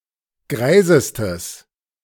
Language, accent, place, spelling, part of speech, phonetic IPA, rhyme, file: German, Germany, Berlin, greisestes, adjective, [ˈɡʁaɪ̯zəstəs], -aɪ̯zəstəs, De-greisestes.ogg
- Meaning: strong/mixed nominative/accusative neuter singular superlative degree of greis